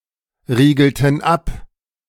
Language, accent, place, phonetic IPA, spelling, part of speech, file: German, Germany, Berlin, [ˌʁiːɡl̩tn̩ ˈap], riegelten ab, verb, De-riegelten ab.ogg
- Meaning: inflection of abriegeln: 1. first/third-person plural preterite 2. first/third-person plural subjunctive II